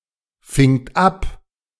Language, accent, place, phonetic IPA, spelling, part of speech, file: German, Germany, Berlin, [ˌfɪŋt ˈap], fingt ab, verb, De-fingt ab.ogg
- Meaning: second-person plural preterite of abfangen